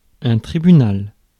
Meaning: 1. tribunal 2. court, court of law
- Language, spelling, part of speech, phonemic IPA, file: French, tribunal, noun, /tʁi.by.nal/, Fr-tribunal.ogg